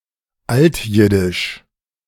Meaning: Old Yiddish
- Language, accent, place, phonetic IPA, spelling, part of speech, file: German, Germany, Berlin, [ˈaltˌjɪdɪʃ], altjiddisch, adjective, De-altjiddisch.ogg